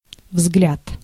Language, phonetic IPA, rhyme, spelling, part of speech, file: Russian, [vzɡlʲat], -at, взгляд, noun, Ru-взгляд.ogg
- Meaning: 1. glance, look 2. view, opinion